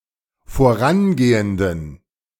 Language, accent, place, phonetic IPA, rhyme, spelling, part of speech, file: German, Germany, Berlin, [foˈʁanˌɡeːəndn̩], -anɡeːəndn̩, vorangehenden, adjective, De-vorangehenden.ogg
- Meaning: inflection of vorangehend: 1. strong genitive masculine/neuter singular 2. weak/mixed genitive/dative all-gender singular 3. strong/weak/mixed accusative masculine singular 4. strong dative plural